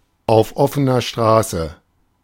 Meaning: in broad daylight
- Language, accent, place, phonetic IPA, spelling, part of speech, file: German, Germany, Berlin, [aʊ̯f ˌʔɔfn̩ɐ ˈʃtʁaːsə], auf offener Straße, prepositional phrase, De-auf offener Straße.ogg